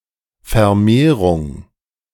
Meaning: 1. proliferation, increase 2. breeding, propagation
- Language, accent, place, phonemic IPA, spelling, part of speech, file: German, Germany, Berlin, /fɛɐ̯ˈmeːʁʊŋ/, Vermehrung, noun, De-Vermehrung.ogg